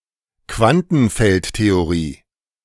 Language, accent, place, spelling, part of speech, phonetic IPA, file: German, Germany, Berlin, Quantenfeldtheorie, noun, [ˈkvantn̩ˌfɛltteoʁiː], De-Quantenfeldtheorie.ogg
- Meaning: quantum field theory, QFT